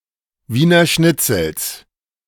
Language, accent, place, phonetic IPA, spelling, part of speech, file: German, Germany, Berlin, [ˈviːnɐ ˈʃnɪt͡sl̩s], Wiener Schnitzels, noun, De-Wiener Schnitzels.ogg
- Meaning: genitive singular of Wiener Schnitzel